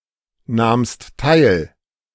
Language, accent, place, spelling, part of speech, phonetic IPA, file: German, Germany, Berlin, nahmst teil, verb, [ˌnaːmst ˈtaɪ̯l], De-nahmst teil.ogg
- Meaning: second-person singular preterite of teilnehmen